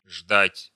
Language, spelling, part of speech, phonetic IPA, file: Russian, ждать, verb, [ʐdatʲ], Ru-ждать .ogg
- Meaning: 1. to wait for (to stay where one is or delay action) 2. to wait (to stay where one is or delay action) 3. to wait for (to eagerly expect something)